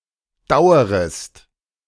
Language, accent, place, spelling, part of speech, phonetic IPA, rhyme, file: German, Germany, Berlin, dauerest, verb, [ˈdaʊ̯əʁəst], -aʊ̯əʁəst, De-dauerest.ogg
- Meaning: second-person singular subjunctive I of dauern